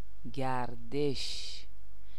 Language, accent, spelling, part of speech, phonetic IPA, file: Persian, Iran, گردش, noun, [ɡʲæɹ.d̪éʃ], Fa-گردش.ogg
- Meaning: 1. turn; turning 2. rotation; revolution 3. circulation 4. walk, stroll, promenade 5. vicissitude